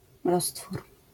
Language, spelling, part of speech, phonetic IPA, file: Polish, roztwór, noun, [ˈrɔstfur], LL-Q809 (pol)-roztwór.wav